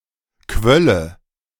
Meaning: first/third-person singular subjunctive II of quellen
- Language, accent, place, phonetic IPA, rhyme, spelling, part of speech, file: German, Germany, Berlin, [ˈkvœlə], -œlə, quölle, verb, De-quölle.ogg